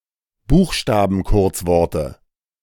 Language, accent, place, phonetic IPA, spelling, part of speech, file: German, Germany, Berlin, [ˈbuːxʃtaːbn̩ˌkʊʁt͡svɔʁtə], Buchstabenkurzworte, noun, De-Buchstabenkurzworte.ogg
- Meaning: dative singular of Buchstabenkurzwort